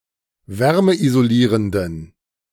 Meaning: inflection of wärmeisolierend: 1. strong genitive masculine/neuter singular 2. weak/mixed genitive/dative all-gender singular 3. strong/weak/mixed accusative masculine singular 4. strong dative plural
- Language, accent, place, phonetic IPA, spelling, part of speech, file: German, Germany, Berlin, [ˈvɛʁməʔizoˌliːʁəndn̩], wärmeisolierenden, adjective, De-wärmeisolierenden.ogg